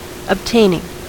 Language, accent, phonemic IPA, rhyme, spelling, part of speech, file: English, US, /əbˈteɪnɪŋ/, -eɪnɪŋ, obtaining, verb, En-us-obtaining.ogg
- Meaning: present participle and gerund of obtain